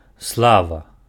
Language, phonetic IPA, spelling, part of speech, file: Belarusian, [ˈsɫava], слава, noun, Be-слава.ogg
- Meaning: 1. glory 2. fame